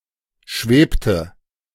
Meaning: inflection of schweben: 1. first/third-person singular preterite 2. first/third-person singular subjunctive II
- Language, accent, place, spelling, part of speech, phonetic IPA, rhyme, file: German, Germany, Berlin, schwebte, verb, [ˈʃveːptə], -eːptə, De-schwebte.ogg